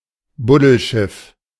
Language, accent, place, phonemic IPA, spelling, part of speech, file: German, Germany, Berlin, /ˈbʊdl̩ˌʃɪf/, Buddelschiff, noun, De-Buddelschiff.ogg
- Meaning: ship in a bottle